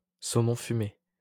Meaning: smoked salmon
- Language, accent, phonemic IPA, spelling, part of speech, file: French, France, /so.mɔ̃ fy.me/, saumon fumé, noun, LL-Q150 (fra)-saumon fumé.wav